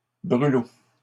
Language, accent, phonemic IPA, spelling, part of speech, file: French, Canada, /bʁy.lo/, brûlot, noun, LL-Q150 (fra)-brûlot.wav
- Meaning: 1. fireship 2. scathing report 3. coffee served with alcohol or certain spices 4. an insect of the family Ceratopogonidae; noseeum, gnat